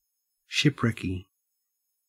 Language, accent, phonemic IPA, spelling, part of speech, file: English, Australia, /ˈʃɪpɹɛki/, shipwrecky, adjective, En-au-shipwrecky.ogg
- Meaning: 1. Characteristic of a shipwreck 2. Weak, feeble; shaky